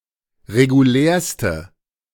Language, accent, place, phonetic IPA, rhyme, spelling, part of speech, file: German, Germany, Berlin, [ʁeɡuˈlɛːɐ̯stə], -ɛːɐ̯stə, regulärste, adjective, De-regulärste.ogg
- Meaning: inflection of regulär: 1. strong/mixed nominative/accusative feminine singular superlative degree 2. strong nominative/accusative plural superlative degree